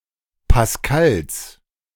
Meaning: genitive singular of Pascal
- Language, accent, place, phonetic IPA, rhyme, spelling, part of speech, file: German, Germany, Berlin, [pasˈkals], -als, Pascals, noun, De-Pascals.ogg